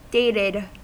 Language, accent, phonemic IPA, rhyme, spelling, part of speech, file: English, US, /ˈdeɪtɪd/, -eɪtɪd, dated, adjective / verb, En-us-dated.ogg
- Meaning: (adjective) 1. Marked with a date 2. Outdated 3. Anachronistic; being obviously inappropriate for its present context 4. No longer fashionable 5. Alotted a span of days